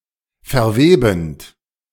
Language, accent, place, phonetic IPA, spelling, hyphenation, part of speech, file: German, Germany, Berlin, [fɛɐ̯ˈveːbn̩t], verwebend, ver‧we‧bend, verb, De-verwebend.ogg
- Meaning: present participle of verweben